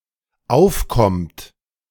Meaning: inflection of aufkommen: 1. third-person singular dependent present 2. second-person plural dependent present
- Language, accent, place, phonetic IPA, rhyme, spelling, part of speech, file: German, Germany, Berlin, [ˈaʊ̯fˌkɔmt], -aʊ̯fkɔmt, aufkommt, verb, De-aufkommt.ogg